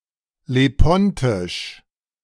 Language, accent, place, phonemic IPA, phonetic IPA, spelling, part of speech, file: German, Germany, Berlin, /leˈpɔntɪʃ/, [leˈpɔntʰɪʃ], Lepontisch, proper noun, De-Lepontisch.ogg
- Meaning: Lepontic (the Lepontic language)